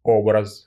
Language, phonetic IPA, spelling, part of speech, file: Russian, [ˈobrəs], образ, noun, Ru-образ.ogg
- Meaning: 1. shape, form 2. appearance, look, style, image 3. type 4. figure 5. mode, manner, way 6. icon 7. icon, sacred image